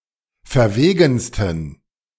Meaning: 1. superlative degree of verwegen 2. inflection of verwegen: strong genitive masculine/neuter singular superlative degree
- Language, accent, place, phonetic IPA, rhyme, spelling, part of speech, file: German, Germany, Berlin, [fɛɐ̯ˈveːɡn̩stən], -eːɡn̩stən, verwegensten, adjective, De-verwegensten.ogg